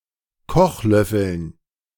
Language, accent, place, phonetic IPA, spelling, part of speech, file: German, Germany, Berlin, [ˈkɔxˌlœfəln], Kochlöffeln, noun, De-Kochlöffeln.ogg
- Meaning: dative plural of Kochlöffel